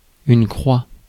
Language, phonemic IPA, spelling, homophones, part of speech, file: French, /kʁwa/, croix, croie / croient / croies / crois / croit / croîs / croît, noun, Fr-croix.ogg
- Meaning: 1. cross (shape) 2. a representation of a cross; the cross as a heraldic symbol